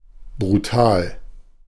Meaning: brutal
- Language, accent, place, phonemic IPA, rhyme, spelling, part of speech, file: German, Germany, Berlin, /bʁuˈtaːl/, -aːl, brutal, adjective, De-brutal.ogg